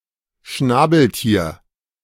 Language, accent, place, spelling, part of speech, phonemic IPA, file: German, Germany, Berlin, Schnabeltier, noun, /ʃnɑbɛlˈtiːɐ̯/, De-Schnabeltier.ogg
- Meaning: platypus, Ornithorhynchus anatinus